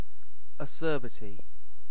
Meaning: 1. Sourness of taste, with bitterness and astringency, like that of unripe fruit 2. Harshness, bitterness, or severity 3. Something harsh (e.g. a remark, act or experience)
- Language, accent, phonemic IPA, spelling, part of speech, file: English, UK, /əˈsɜːbɪti/, acerbity, noun, En-uk-acerbity.ogg